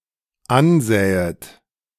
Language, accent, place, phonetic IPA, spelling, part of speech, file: German, Germany, Berlin, [ˈanˌzɛːət], ansähet, verb, De-ansähet.ogg
- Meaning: second-person plural dependent subjunctive II of ansehen